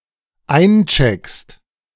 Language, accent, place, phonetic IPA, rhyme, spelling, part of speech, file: German, Germany, Berlin, [ˈaɪ̯nˌt͡ʃɛkst], -aɪ̯nt͡ʃɛkst, eincheckst, verb, De-eincheckst.ogg
- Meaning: second-person singular dependent present of einchecken